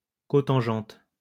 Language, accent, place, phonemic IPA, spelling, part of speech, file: French, France, Lyon, /ko.tɑ̃.ʒɑ̃t/, cotangente, noun, LL-Q150 (fra)-cotangente.wav
- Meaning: cotangent (trigonometric function)